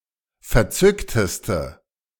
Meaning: inflection of verzückt: 1. strong/mixed nominative/accusative feminine singular superlative degree 2. strong nominative/accusative plural superlative degree
- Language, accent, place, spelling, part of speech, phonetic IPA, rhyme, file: German, Germany, Berlin, verzückteste, adjective, [fɛɐ̯ˈt͡sʏktəstə], -ʏktəstə, De-verzückteste.ogg